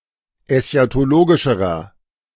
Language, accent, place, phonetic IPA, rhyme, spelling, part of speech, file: German, Germany, Berlin, [ɛsçatoˈloːɡɪʃəʁɐ], -oːɡɪʃəʁɐ, eschatologischerer, adjective, De-eschatologischerer.ogg
- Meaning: inflection of eschatologisch: 1. strong/mixed nominative masculine singular comparative degree 2. strong genitive/dative feminine singular comparative degree